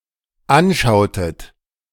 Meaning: inflection of anschauen: 1. second-person plural dependent preterite 2. second-person plural dependent subjunctive II
- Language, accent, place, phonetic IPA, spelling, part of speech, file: German, Germany, Berlin, [ˈanˌʃaʊ̯tət], anschautet, verb, De-anschautet.ogg